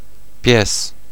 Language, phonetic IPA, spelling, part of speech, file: Polish, [pʲjɛs], pies, noun, Pl-pies.ogg